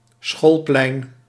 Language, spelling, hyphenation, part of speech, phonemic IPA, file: Dutch, schoolplein, school‧plein, noun, /ˈsxolplɛin/, Nl-schoolplein.ogg
- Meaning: schoolyard